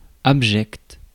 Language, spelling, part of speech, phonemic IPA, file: French, abject, adjective, /ab.ʒɛkt/, Fr-abject.ogg
- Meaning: 1. Worthy of utmost contempt or disgust; vile; despicable 2. of the lowest social position